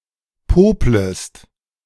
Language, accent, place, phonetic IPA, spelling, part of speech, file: German, Germany, Berlin, [ˈpoːpləst], poplest, verb, De-poplest.ogg
- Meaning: second-person singular subjunctive I of popeln